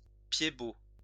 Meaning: a person with a clubfoot, a club-footed person
- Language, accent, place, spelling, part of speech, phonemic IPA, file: French, France, Lyon, pied-bot, noun, /pje.bo/, LL-Q150 (fra)-pied-bot.wav